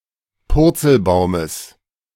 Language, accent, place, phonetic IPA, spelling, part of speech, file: German, Germany, Berlin, [ˈpʊʁt͡sl̩ˌbaʊ̯məs], Purzelbaumes, noun, De-Purzelbaumes.ogg
- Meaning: genitive of Purzelbaum